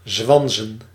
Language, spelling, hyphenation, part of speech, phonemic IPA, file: Dutch, zwanzen, zwan‧zen, verb, /ˈzʋɑn.zə(n)/, Nl-zwanzen.ogg
- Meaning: to joke